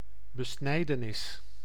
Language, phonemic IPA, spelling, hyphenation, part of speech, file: Dutch, /bəˈsnɛi̯.dəˌnɪs/, besnijdenis, be‧snij‧de‧nis, noun, Nl-besnijdenis.ogg
- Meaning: circumcision